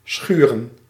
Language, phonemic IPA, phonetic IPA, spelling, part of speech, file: Dutch, /ˈsxyrə(n)/, [ˈsxyːrə(n)], schuren, verb / noun, Nl-schuren.ogg
- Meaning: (verb) 1. to grate, rub, scour, chafe 2. to sand 3. to grind (to frottage or dance pressed against another in a sexually suggestive way) 4. to bring in, notably a crop to the barn